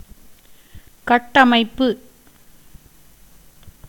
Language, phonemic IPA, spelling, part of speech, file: Tamil, /kɐʈːɐmɐɪ̯pːɯ/, கட்டமைப்பு, noun, Ta-கட்டமைப்பு.ogg
- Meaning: infrastructure, construction, framework